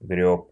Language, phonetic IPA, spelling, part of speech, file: Russian, [ɡrʲɵp], грёб, verb, Ru-грёб.ogg
- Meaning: masculine singular past indicative imperfective of грести́ (grestí)